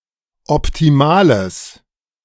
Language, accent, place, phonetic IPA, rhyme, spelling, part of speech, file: German, Germany, Berlin, [ɔptiˈmaːləs], -aːləs, optimales, adjective, De-optimales.ogg
- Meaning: strong/mixed nominative/accusative neuter singular of optimal